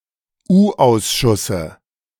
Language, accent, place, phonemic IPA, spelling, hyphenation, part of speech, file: German, Germany, Berlin, /ˈuːˌʔaʊ̯sʃʊsə/, U-Ausschusse, U-Aus‧schus‧se, noun, De-U-Ausschusse.ogg
- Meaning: dative singular of U-Ausschuss